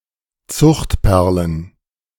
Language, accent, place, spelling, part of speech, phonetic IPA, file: German, Germany, Berlin, Zuchtperlen, noun, [ˈt͡sʊxtˌpɛʁlən], De-Zuchtperlen.ogg
- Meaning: plural of Zuchtperle